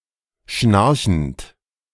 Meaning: present participle of schnarchen
- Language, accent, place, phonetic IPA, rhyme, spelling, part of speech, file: German, Germany, Berlin, [ˈʃnaʁçn̩t], -aʁçn̩t, schnarchend, verb, De-schnarchend.ogg